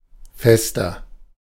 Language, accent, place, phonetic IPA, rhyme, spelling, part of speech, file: German, Germany, Berlin, [ˈfɛstɐ], -ɛstɐ, fester, adjective, De-fester.ogg
- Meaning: inflection of fest: 1. strong/mixed nominative masculine singular 2. strong genitive/dative feminine singular 3. strong genitive plural